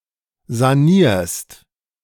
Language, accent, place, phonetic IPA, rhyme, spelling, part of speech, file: German, Germany, Berlin, [zaˈniːɐ̯st], -iːɐ̯st, sanierst, verb, De-sanierst.ogg
- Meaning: second-person singular present of sanieren